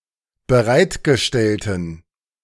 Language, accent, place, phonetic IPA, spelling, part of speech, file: German, Germany, Berlin, [bəˈʁaɪ̯tɡəˌʃtɛltn̩], bereitgestellten, adjective, De-bereitgestellten.ogg
- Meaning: inflection of bereitgestellt: 1. strong genitive masculine/neuter singular 2. weak/mixed genitive/dative all-gender singular 3. strong/weak/mixed accusative masculine singular 4. strong dative plural